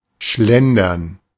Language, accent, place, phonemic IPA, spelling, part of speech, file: German, Germany, Berlin, /ˈʃlɛndɐn/, schlendern, verb, De-schlendern.ogg
- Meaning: to stroll